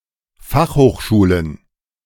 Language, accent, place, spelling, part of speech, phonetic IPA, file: German, Germany, Berlin, Fachhochschulen, noun, [ˈfaxhoːxˌʃuːlən], De-Fachhochschulen.ogg
- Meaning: plural of Fachhochschule